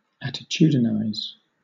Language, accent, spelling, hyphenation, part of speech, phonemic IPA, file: English, Southern England, attitudinize, at‧ti‧tud‧in‧ize, verb, /ˌætɪˈtjuːdɪnaɪz/, LL-Q1860 (eng)-attitudinize.wav
- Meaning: 1. To cause (someone or something) to assume an attitude or pose; to pose, to posture 2. To give the appearance of, or make a show of, (something) by assuming an affected or exaggerated attitude